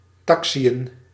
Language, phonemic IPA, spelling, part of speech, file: Dutch, /ˈtɑk.si.ə(n)/, taxiën, verb, Nl-taxiën.ogg
- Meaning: to taxi (to move without flying)